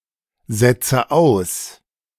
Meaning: inflection of aussetzen: 1. first-person singular present 2. first/third-person singular subjunctive I 3. singular imperative
- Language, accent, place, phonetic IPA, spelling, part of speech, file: German, Germany, Berlin, [ˌzɛt͡sə ˈaʊ̯s], setze aus, verb, De-setze aus.ogg